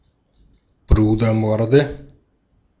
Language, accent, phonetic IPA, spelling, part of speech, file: German, Austria, [ˈbʁuːdɐˌmɔʁdə], Brudermorde, noun, De-at-Brudermorde.ogg
- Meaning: nominative/accusative/genitive plural of Brudermord